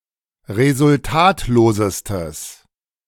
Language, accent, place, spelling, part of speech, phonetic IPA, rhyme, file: German, Germany, Berlin, resultatlosestes, adjective, [ʁezʊlˈtaːtloːzəstəs], -aːtloːzəstəs, De-resultatlosestes.ogg
- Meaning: strong/mixed nominative/accusative neuter singular superlative degree of resultatlos